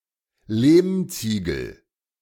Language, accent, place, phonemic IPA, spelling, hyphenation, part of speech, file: German, Germany, Berlin, /ˈleːmˌt͡siːɡəl/, Lehmziegel, Lehm‧zie‧gel, noun, De-Lehmziegel.ogg
- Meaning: adobe